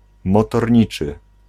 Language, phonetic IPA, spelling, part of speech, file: Polish, [ˌmɔtɔˈrʲɲit͡ʃɨ], motorniczy, noun, Pl-motorniczy.ogg